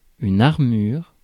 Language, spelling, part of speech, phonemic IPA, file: French, armure, noun, /aʁ.myʁ/, Fr-armure.ogg
- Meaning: 1. armor 2. key signature